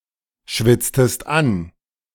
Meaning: inflection of anschwitzen: 1. second-person singular preterite 2. second-person singular subjunctive II
- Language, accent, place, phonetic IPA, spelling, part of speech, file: German, Germany, Berlin, [ˌʃvɪt͡stəst ˈan], schwitztest an, verb, De-schwitztest an.ogg